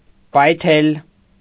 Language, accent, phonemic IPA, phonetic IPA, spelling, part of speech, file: Armenian, Eastern Armenian, /pɑjˈtʰel/, [pɑjtʰél], պայթել, verb, Hy-պայթել.ogg
- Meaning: 1. to explode, to blow up, to burst 2. to burst with laughter